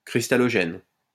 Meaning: crystallogen
- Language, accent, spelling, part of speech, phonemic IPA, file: French, France, cristallogène, noun, /kʁis.ta.lɔ.ʒɛn/, LL-Q150 (fra)-cristallogène.wav